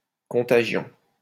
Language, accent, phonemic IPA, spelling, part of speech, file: French, France, /kɔ̃.ta.ʒjɔ̃/, contagion, noun, LL-Q150 (fra)-contagion.wav
- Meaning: contagion